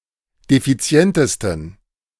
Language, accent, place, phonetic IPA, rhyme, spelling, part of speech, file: German, Germany, Berlin, [defiˈt͡si̯ɛntəstn̩], -ɛntəstn̩, defizientesten, adjective, De-defizientesten.ogg
- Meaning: 1. superlative degree of defizient 2. inflection of defizient: strong genitive masculine/neuter singular superlative degree